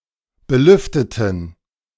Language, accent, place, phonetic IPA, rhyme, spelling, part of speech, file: German, Germany, Berlin, [bəˈlʏftətn̩], -ʏftətn̩, belüfteten, adjective / verb, De-belüfteten.ogg
- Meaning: inflection of belüften: 1. first/third-person plural preterite 2. first/third-person plural subjunctive II